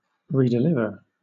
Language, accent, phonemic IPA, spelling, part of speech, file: English, Southern England, /ˌɹiːdɪˈlɪvə(ɹ)/, redeliver, verb, LL-Q1860 (eng)-redeliver.wav
- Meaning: 1. To give back; to return (something) 2. To deliver (a letter, parcel, etc.) again 3. To deliver or liberate again 4. To report; to deliver the answer of